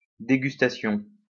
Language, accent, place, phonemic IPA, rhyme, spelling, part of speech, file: French, France, Lyon, /de.ɡys.ta.sjɔ̃/, -ɔ̃, dégustation, noun, LL-Q150 (fra)-dégustation.wav
- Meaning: tasting, act of tasting or trying out food